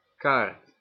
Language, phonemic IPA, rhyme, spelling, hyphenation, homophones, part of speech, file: Dutch, /kaːrt/, -aːrt, kaart, kaart, Kaard, noun / verb, Nl-kaart.ogg
- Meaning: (noun) 1. card (rectangular hard flat object): postcard 2. card (rectangular hard flat object): playing card 3. map (of an area) 4. menu (of a restaurant)